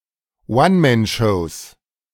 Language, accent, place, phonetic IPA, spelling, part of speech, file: German, Germany, Berlin, [ˈvanmɛnˌʃɔʊ̯s], One-Man-Shows, noun, De-One-Man-Shows.ogg
- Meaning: plural of One-Man-Show